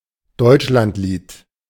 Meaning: the German national anthem, composed by August Heinrich Hoffmann von Fallersleben
- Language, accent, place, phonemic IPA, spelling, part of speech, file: German, Germany, Berlin, /ˈdɔɪ̯t͡ʃlantˌliːt/, Deutschlandlied, proper noun, De-Deutschlandlied.ogg